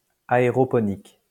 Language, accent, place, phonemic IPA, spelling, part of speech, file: French, France, Lyon, /a.e.ʁɔ.pɔ.nik/, aéroponique, adjective, LL-Q150 (fra)-aéroponique.wav
- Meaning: aeroponic